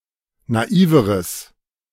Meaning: strong/mixed nominative/accusative neuter singular comparative degree of naiv
- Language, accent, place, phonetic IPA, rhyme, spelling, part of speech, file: German, Germany, Berlin, [naˈiːvəʁəs], -iːvəʁəs, naiveres, adjective, De-naiveres.ogg